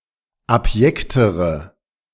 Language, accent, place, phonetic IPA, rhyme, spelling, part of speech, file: German, Germany, Berlin, [apˈjɛktəʁə], -ɛktəʁə, abjektere, adjective, De-abjektere.ogg
- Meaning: inflection of abjekt: 1. strong/mixed nominative/accusative feminine singular comparative degree 2. strong nominative/accusative plural comparative degree